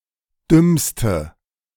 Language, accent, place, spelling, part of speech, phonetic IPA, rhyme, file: German, Germany, Berlin, dümmste, adjective, [ˈdʏmstə], -ʏmstə, De-dümmste.ogg
- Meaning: inflection of dumm: 1. strong/mixed nominative/accusative feminine singular superlative degree 2. strong nominative/accusative plural superlative degree